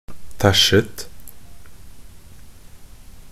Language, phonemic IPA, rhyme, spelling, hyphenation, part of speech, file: Norwegian Bokmål, /ˈtæʃːət/, -ət, tæsjet, tæsj‧et, verb, Nb-tæsjet.ogg
- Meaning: simple past and past participle of tæsje